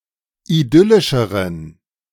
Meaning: inflection of idyllisch: 1. strong genitive masculine/neuter singular comparative degree 2. weak/mixed genitive/dative all-gender singular comparative degree
- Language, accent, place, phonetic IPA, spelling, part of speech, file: German, Germany, Berlin, [iˈdʏlɪʃəʁən], idyllischeren, adjective, De-idyllischeren.ogg